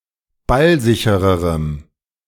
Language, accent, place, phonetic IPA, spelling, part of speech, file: German, Germany, Berlin, [ˈbalˌzɪçəʁəʁəm], ballsichererem, adjective, De-ballsichererem.ogg
- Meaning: strong dative masculine/neuter singular comparative degree of ballsicher